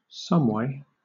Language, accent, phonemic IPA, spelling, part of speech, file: English, Southern England, /ˈsʌmweɪ/, someway, adverb, LL-Q1860 (eng)-someway.wav
- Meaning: Somehow